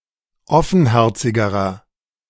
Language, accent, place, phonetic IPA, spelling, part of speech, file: German, Germany, Berlin, [ˈɔfn̩ˌhɛʁt͡sɪɡəʁɐ], offenherzigerer, adjective, De-offenherzigerer.ogg
- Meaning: inflection of offenherzig: 1. strong/mixed nominative masculine singular comparative degree 2. strong genitive/dative feminine singular comparative degree 3. strong genitive plural comparative degree